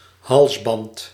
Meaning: 1. collar (as worn by pets) 2. collar, bond placed around the neck to restrain people 3. necklace
- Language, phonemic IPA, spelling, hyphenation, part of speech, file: Dutch, /ˈɦɑls.bɑnt/, halsband, hals‧band, noun, Nl-halsband.ogg